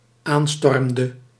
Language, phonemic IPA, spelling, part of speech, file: Dutch, /ˈanstɔrᵊmdə/, aanstormde, verb, Nl-aanstormde.ogg
- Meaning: inflection of aanstormen: 1. singular dependent-clause past indicative 2. singular dependent-clause past subjunctive